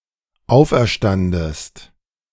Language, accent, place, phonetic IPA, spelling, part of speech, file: German, Germany, Berlin, [ˈaʊ̯fʔɛɐ̯ˌʃtandəst], auferstandest, verb, De-auferstandest.ogg
- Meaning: second-person singular dependent preterite of auferstehen